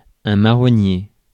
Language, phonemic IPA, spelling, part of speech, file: French, /ma.ʁɔ.nje/, marronnier, noun, Fr-marronnier.ogg
- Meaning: 1. chestnut tree 2. horse-chestnut tree